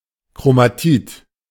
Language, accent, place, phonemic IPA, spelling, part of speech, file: German, Germany, Berlin, /kʁomaˈtiːt/, Chromatid, noun, De-Chromatid.ogg
- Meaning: chromatid (either of the two strands of a chromosome that separate during mitosis)